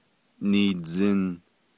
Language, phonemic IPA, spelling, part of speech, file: Navajo, /nìːt͡sɪ̀n/, niidzin, verb, Nv-niidzin.ogg
- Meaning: 1. first-person duoplural imperfective of nízin 2. first-person duoplural imperfective of yinízin